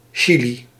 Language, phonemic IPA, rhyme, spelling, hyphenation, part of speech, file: Dutch, /ˈ(t)ʃi.li/, -ili, chili, chi‧li, noun, Nl-chili.ogg
- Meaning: 1. chili pepper 2. chili (dish)